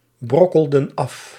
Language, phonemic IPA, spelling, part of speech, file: Dutch, /ˈbrɔkəldə(n) ˈɑf/, brokkelden af, verb, Nl-brokkelden af.ogg
- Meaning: inflection of afbrokkelen: 1. plural past indicative 2. plural past subjunctive